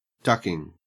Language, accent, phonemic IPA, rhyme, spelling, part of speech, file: English, Australia, /ˈdʌkɪŋ/, -ʌkɪŋ, ducking, verb / noun / adjective, En-au-ducking.ogg
- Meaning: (verb) present participle and gerund of duck; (noun) 1. An instance of ducking down, e.g. to hide 2. An instance of ducking (a person in water, etc); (adjective) Euphemistic form of fucking